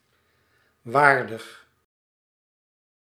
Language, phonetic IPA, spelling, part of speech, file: Dutch, [ˈʋaːr.dəx], waardig, adjective, Nl-waardig.ogg
- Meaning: 1. worthy 2. stately